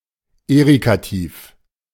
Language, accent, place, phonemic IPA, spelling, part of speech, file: German, Germany, Berlin, /ˈeːʁikatiːf/, Erikativ, noun, De-Erikativ.ogg
- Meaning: synonym of Inflektiv